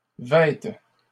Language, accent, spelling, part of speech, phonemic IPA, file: French, Canada, vêtes, verb, /vɛt/, LL-Q150 (fra)-vêtes.wav
- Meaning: second-person singular present subjunctive of vêtir